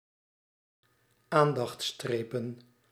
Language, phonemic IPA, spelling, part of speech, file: Dutch, /ˈandɑx(t)ˌstrepə(n)/, aandachtsstrepen, noun, Nl-aandachtsstrepen.ogg
- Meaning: plural of aandachtsstreep